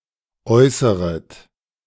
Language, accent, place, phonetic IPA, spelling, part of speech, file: German, Germany, Berlin, [ˈɔɪ̯səʁət], äußeret, verb, De-äußeret.ogg
- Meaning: second-person plural subjunctive I of äußern